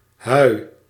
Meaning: whey
- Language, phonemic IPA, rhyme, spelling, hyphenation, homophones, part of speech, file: Dutch, /ɦœy̯/, -œy̯, hui, hui, Huij, noun, Nl-hui.ogg